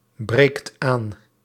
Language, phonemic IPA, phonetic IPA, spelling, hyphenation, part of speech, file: Dutch, /ˌbreːkt ˈaːn/, [ˌbreɪ̯kt ˈaːn], breekt aan, breekt aan, verb, Nl-breekt aan.ogg
- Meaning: inflection of aanbreken: 1. second/third-person singular present indicative 2. plural imperative